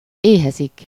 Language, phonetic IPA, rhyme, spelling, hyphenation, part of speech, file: Hungarian, [ˈeːɦɛzik], -ɛzik, éhezik, éhe‧zik, verb, Hu-éhezik.ogg
- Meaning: 1. to hunger, starve 2. to long, yearn